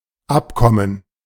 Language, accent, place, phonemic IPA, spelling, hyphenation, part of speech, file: German, Germany, Berlin, /ˈʔapˌkɔmən/, Abkommen, Ab‧kom‧men, noun, De-Abkommen.ogg
- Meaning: 1. gerund of abkommen 2. accord, agreement 3. plural of Abkomme